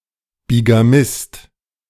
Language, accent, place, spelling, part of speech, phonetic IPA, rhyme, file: German, Germany, Berlin, Bigamist, noun, [biɡaˈmɪst], -ɪst, De-Bigamist.ogg
- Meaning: bigamist